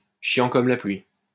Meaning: dull as dishwater, like watching paint dry, extremely boring
- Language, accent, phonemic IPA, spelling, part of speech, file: French, France, /ʃjɑ̃ kɔm la plɥi/, chiant comme la pluie, adjective, LL-Q150 (fra)-chiant comme la pluie.wav